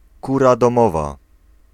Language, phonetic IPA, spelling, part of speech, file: Polish, [ˈkura dɔ̃ˈmɔva], kura domowa, noun, Pl-kura domowa.ogg